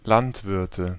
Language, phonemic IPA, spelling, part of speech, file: German, /ˈlantˌvɪʁtə/, Landwirte, noun, De-Landwirte.ogg
- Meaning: nominative/accusative/genitive plural of Landwirt